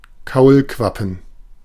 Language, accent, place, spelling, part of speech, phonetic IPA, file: German, Germany, Berlin, Kaulquappen, noun, [ˈkaʊ̯lˌkvapn̩], De-Kaulquappen.ogg
- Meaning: plural of Kaulquappe